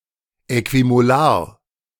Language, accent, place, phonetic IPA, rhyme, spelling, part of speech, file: German, Germany, Berlin, [ˌɛkvimoˈlaːɐ̯], -aːɐ̯, äquimolar, adjective, De-äquimolar.ogg
- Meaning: equimolar